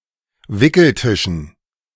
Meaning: dative plural of Wickeltisch
- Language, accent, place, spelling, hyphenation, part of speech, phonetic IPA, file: German, Germany, Berlin, Wickeltischen, Wi‧ckel‧ti‧schen, noun, [ˈvɪkl̩ˌtɪʃn̩], De-Wickeltischen.ogg